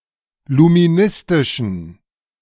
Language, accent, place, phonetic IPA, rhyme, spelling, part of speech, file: German, Germany, Berlin, [lumiˈnɪstɪʃn̩], -ɪstɪʃn̩, luministischen, adjective, De-luministischen.ogg
- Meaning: inflection of luministisch: 1. strong genitive masculine/neuter singular 2. weak/mixed genitive/dative all-gender singular 3. strong/weak/mixed accusative masculine singular 4. strong dative plural